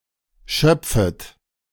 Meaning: second-person plural subjunctive I of schöpfen
- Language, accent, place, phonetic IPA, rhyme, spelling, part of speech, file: German, Germany, Berlin, [ˈʃœp͡fət], -œp͡fət, schöpfet, verb, De-schöpfet.ogg